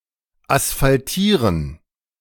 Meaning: to asphalt
- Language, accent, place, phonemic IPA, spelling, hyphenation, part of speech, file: German, Germany, Berlin, /asfalˈtiːʁən/, asphaltieren, as‧phal‧tie‧ren, verb, De-asphaltieren.ogg